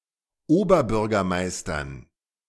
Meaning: dative plural of Oberbürgermeister
- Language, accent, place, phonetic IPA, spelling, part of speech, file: German, Germany, Berlin, [ˈoːbɐˌbʏʁɡɐmaɪ̯stɐn], Oberbürgermeistern, noun, De-Oberbürgermeistern.ogg